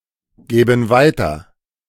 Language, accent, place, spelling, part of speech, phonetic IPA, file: German, Germany, Berlin, gäben weiter, verb, [ˌɡɛːbn̩ ˈvaɪ̯tɐ], De-gäben weiter.ogg
- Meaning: first-person plural subjunctive II of weitergeben